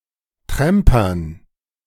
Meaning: dative plural of Tramper
- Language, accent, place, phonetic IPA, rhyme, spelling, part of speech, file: German, Germany, Berlin, [ˈtʁɛmpɐn], -ɛmpɐn, Trampern, noun, De-Trampern.ogg